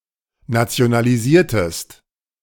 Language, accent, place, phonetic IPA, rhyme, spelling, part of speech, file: German, Germany, Berlin, [nat͡si̯onaliˈziːɐ̯təst], -iːɐ̯təst, nationalisiertest, verb, De-nationalisiertest.ogg
- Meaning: inflection of nationalisieren: 1. second-person singular preterite 2. second-person singular subjunctive II